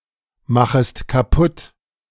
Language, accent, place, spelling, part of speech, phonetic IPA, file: German, Germany, Berlin, machest kaputt, verb, [ˌmaxəst kaˈpʊt], De-machest kaputt.ogg
- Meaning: second-person singular subjunctive I of kaputtmachen